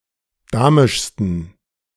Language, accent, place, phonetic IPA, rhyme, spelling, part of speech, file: German, Germany, Berlin, [ˈdaːmɪʃstn̩], -aːmɪʃstn̩, damischsten, adjective, De-damischsten.ogg
- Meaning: 1. superlative degree of damisch 2. inflection of damisch: strong genitive masculine/neuter singular superlative degree